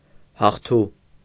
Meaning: victorious
- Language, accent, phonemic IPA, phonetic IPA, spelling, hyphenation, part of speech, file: Armenian, Eastern Armenian, /hɑχˈtʰu/, [hɑχtʰú], հաղթու, հաղ‧թու, adjective, Hy-հաղթու.ogg